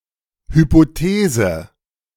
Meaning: hypothesis
- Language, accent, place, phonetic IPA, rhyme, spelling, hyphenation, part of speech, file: German, Germany, Berlin, [ˌhypoˈteːzə], -eːzə, Hypothese, Hy‧po‧the‧se, noun, De-Hypothese.ogg